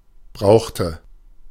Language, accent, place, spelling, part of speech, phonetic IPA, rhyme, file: German, Germany, Berlin, brauchte, verb, [ˈbʁaʊ̯xtə], -aʊ̯xtə, De-brauchte.ogg
- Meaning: inflection of brauchen: 1. first/third-person singular preterite 2. first/third-person singular subjunctive II